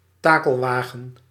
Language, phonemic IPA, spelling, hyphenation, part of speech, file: Dutch, /ˈtaː.kəlˌʋaː.ɣə(n)/, takelwagen, ta‧kel‧wa‧gen, noun, Nl-takelwagen.ogg
- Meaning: a tow truck, a breakdown lorry